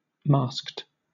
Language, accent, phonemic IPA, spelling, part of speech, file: English, Southern England, /mɑːskt/, masked, verb / adjective, LL-Q1860 (eng)-masked.wav
- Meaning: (verb) simple past and past participle of mask; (adjective) 1. Wearing a mask or masks 2. Characterized by masks 3. Concealed; hidden 4. Personate